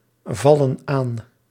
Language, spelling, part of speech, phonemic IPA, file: Dutch, vallen aan, verb, /ˈvɑlə(n) ˈan/, Nl-vallen aan.ogg
- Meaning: inflection of aanvallen: 1. plural present indicative 2. plural present subjunctive